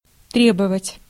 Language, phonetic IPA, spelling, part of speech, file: Russian, [ˈtrʲebəvətʲ], требовать, verb, Ru-требовать.ogg
- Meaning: 1. to demand, to request 2. to need, to call for